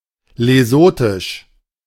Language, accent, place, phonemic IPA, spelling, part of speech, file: German, Germany, Berlin, /leˈzoːtɪʃ/, lesothisch, adjective, De-lesothisch.ogg
- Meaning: of Lesotho; Lesothan